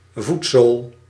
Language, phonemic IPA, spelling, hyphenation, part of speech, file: Dutch, /ˈvut.soːl/, voetzool, voet‧zool, noun, Nl-voetzool.ogg
- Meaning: sole of the foot (bottom part of the foot)